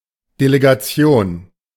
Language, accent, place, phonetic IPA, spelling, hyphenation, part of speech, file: German, Germany, Berlin, [deleɡaˈt͡si̯oːn], Delegation, De‧le‧ga‧ti‧on, noun, De-Delegation.ogg
- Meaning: 1. delegation (act of delegating) 2. delegation (condition of being delegated) 3. delegation (group of delegates)